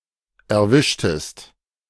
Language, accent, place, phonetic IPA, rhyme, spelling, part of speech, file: German, Germany, Berlin, [ɛɐ̯ˈvɪʃtəst], -ɪʃtəst, erwischtest, verb, De-erwischtest.ogg
- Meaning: inflection of erwischen: 1. second-person singular preterite 2. second-person singular subjunctive II